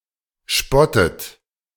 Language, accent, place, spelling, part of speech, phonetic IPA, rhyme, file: German, Germany, Berlin, spottet, verb, [ˈʃpɔtət], -ɔtət, De-spottet.ogg
- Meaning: inflection of spotten: 1. second-person plural present 2. second-person plural subjunctive I 3. third-person singular present 4. plural imperative